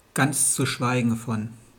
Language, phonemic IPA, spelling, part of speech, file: German, /ˌɡant͡s t͡su ˈʃvaɪɡən fɔn/, ganz zu schweigen von, conjunction, De-ganz zu schweigen von.wav
- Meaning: not to mention, to say nothing of